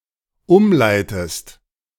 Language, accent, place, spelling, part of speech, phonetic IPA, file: German, Germany, Berlin, umleitest, verb, [ˈʊmˌlaɪ̯təst], De-umleitest.ogg
- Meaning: inflection of umleiten: 1. second-person singular dependent present 2. second-person singular dependent subjunctive I